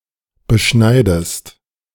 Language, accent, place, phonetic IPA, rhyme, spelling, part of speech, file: German, Germany, Berlin, [bəˈʃnaɪ̯dəst], -aɪ̯dəst, beschneidest, verb, De-beschneidest.ogg
- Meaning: inflection of beschneiden: 1. second-person singular present 2. second-person singular subjunctive I